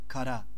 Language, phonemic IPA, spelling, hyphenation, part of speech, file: Turkish, /kaˈɾa/, kara, ka‧ra, adjective / noun, Kara.ogg
- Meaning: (adjective) 1. black, dark 2. brunette 3. dark skinned 4. evil, wicked, villainous 5. courageous 6. sad, woeful, dark; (noun) 1. black 2. slander 3. north 4. fault, mistake 5. gendarmerie 6. key